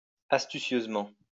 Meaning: astutely, shrewdly, craftily
- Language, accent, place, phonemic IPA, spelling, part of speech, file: French, France, Lyon, /as.ty.sjøz.mɑ̃/, astucieusement, adverb, LL-Q150 (fra)-astucieusement.wav